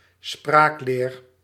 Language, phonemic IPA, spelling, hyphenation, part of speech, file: Dutch, /ˈspraːk.leːr/, spraakleer, spraak‧leer, noun, Nl-spraakleer.ogg
- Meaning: 1. grammar (structure of language rules) 2. grammar (grammar book)